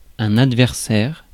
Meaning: adversary, opponent, opposition, antagonist
- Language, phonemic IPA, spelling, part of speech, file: French, /ad.vɛʁ.sɛʁ/, adversaire, noun, Fr-adversaire.ogg